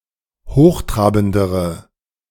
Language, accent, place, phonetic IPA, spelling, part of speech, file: German, Germany, Berlin, [ˈhoːxˌtʁaːbn̩dəʁə], hochtrabendere, adjective, De-hochtrabendere.ogg
- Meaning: inflection of hochtrabend: 1. strong/mixed nominative/accusative feminine singular comparative degree 2. strong nominative/accusative plural comparative degree